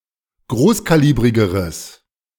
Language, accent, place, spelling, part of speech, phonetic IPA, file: German, Germany, Berlin, großkalibrigeres, adjective, [ˈɡʁoːskaˌliːbʁɪɡəʁəs], De-großkalibrigeres.ogg
- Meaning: strong/mixed nominative/accusative neuter singular comparative degree of großkalibrig